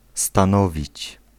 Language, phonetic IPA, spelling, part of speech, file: Polish, [stãˈnɔvʲit͡ɕ], stanowić, verb, Pl-stanowić.ogg